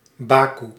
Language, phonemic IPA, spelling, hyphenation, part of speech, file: Dutch, /ˈbaː.ku/, Bakoe, Ba‧koe, proper noun, Nl-Bakoe.ogg
- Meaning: Baku (the capital of Azerbaijan)